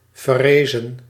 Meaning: 1. inflection of verrijzen: plural past indicative 2. inflection of verrijzen: plural past subjunctive 3. past participle of verrijzen
- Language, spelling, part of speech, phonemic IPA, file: Dutch, verrezen, verb, /vɛˈrezə(n)/, Nl-verrezen.ogg